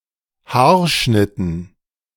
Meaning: dative plural of Haarschnitt
- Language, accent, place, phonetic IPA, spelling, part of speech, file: German, Germany, Berlin, [ˈhaːɐ̯ˌʃnɪtn̩], Haarschnitten, noun, De-Haarschnitten.ogg